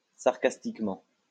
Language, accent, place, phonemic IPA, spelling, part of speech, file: French, France, Lyon, /saʁ.kas.tik.mɑ̃/, sarcastiquement, adverb, LL-Q150 (fra)-sarcastiquement.wav
- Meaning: sarcastically